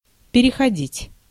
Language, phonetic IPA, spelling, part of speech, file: Russian, [pʲɪrʲɪxɐˈdʲitʲ], переходить, verb, Ru-переходить.ogg
- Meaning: 1. to cross, to get over, to get across 2. to pass on (to), to proceed (to), to turn (to) 3. to change, to switch (from/to), to convert (to)